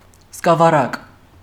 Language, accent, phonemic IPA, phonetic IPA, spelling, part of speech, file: Armenian, Eastern Armenian, /skɑvɑˈrɑk/, [skɑvɑrɑ́k], սկավառակ, noun, Hy-սկավառակ.ogg
- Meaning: disc